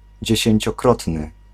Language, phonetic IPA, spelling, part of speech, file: Polish, [ˌd͡ʑɛ̇ɕɛ̇̃ɲt͡ɕɔˈkrɔtnɨ], dziesięciokrotny, adjective, Pl-dziesięciokrotny.ogg